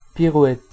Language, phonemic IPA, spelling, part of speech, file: French, /pi.ʁwɛt/, pirouette, noun / verb, Fr-pirouette.ogg
- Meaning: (noun) 1. pirouette; a whirling or turning on the toes in dancing 2. a whirling volt movement made by a horse